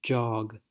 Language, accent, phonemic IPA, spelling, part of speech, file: English, US, /d͡ʒɑɡ/, jog, noun / verb, En-us-jog.ogg
- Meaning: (noun) 1. An energetic trot, slower than a run, often used as a form of exercise 2. A sudden push or nudge 3. A flat placed perpendicularly to break up a flat surface